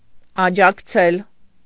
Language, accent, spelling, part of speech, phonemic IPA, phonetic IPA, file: Armenian, Eastern Armenian, աջակցել, verb, /ɑt͡ʃʰɑkˈt͡sʰel/, [ɑt͡ʃʰɑkt͡sʰél], Hy-աջակցել.ogg
- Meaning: to aid, to assist, to succour